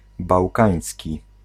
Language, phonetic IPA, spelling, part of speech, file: Polish, [bawˈkãj̃sʲci], bałkański, adjective, Pl-bałkański.ogg